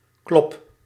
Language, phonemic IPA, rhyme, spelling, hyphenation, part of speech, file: Dutch, /klɔp/, -ɔp, klop, klop, noun / verb, Nl-klop.ogg
- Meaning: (noun) 1. a knock, an audible blow 2. a punch, a blow 3. a defeat or punishment, especially a heavy defeat 4. a physical fight, a brawl 5. a sudden reduction in energy or health of a person